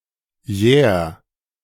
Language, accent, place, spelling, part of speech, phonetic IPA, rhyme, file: German, Germany, Berlin, jähr, verb, [jɛːɐ̯], -ɛːɐ̯, De-jähr.ogg
- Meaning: 1. singular imperative of jähren 2. first-person singular present of jähren